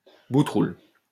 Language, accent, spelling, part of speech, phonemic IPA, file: French, France, boutroulle, noun, /bu.tʁul/, LL-Q150 (fra)-boutroulle.wav
- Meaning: belly button